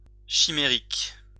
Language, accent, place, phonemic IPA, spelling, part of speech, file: French, France, Lyon, /ʃi.me.ʁik/, chimérique, adjective, LL-Q150 (fra)-chimérique.wav
- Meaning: 1. chimeric, fanciful, imaginary 2. unrealistic, quixotic 3. chimeric